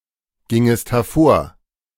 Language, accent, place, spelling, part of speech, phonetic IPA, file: German, Germany, Berlin, gingest hervor, verb, [ˌɡɪŋəst hɛɐ̯ˈfoːɐ̯], De-gingest hervor.ogg
- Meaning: second-person singular subjunctive II of hervorgehen